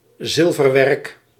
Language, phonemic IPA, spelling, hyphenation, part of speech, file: Dutch, /ˈzɪl.vərˌʋɛrk/, zilverwerk, zil‧ver‧werk, noun, Nl-zilverwerk.ogg
- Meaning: silver (items made of silver or other white metal)